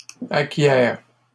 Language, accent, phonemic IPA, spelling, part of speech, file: French, Canada, /a.kje/, acquiers, verb, LL-Q150 (fra)-acquiers.wav
- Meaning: inflection of acquérir: 1. first/second-person singular present indicative 2. second-person singular imperative